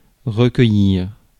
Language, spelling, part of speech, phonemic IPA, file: French, recueillir, verb, /ʁə.kœ.jiʁ/, Fr-recueillir.ogg
- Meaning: 1. to collect, gather 2. to obtain, to win 3. to take in (a stray, etc.) 4. to collect one's thoughts, to reflect 5. to meditate